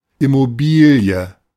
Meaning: real estate, property which cannot be moved
- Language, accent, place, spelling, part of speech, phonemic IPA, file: German, Germany, Berlin, Immobilie, noun, /ɪmoˈbiːli̯ə/, De-Immobilie.ogg